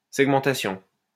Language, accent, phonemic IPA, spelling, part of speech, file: French, France, /sɛɡ.mɑ̃.ta.sjɔ̃/, segmentation, noun, LL-Q150 (fra)-segmentation.wav
- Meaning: segmentation